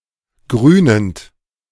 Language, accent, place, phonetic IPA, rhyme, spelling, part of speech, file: German, Germany, Berlin, [ˈɡʁyːnənt], -yːnənt, grünend, verb, De-grünend.ogg
- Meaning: present participle of grünen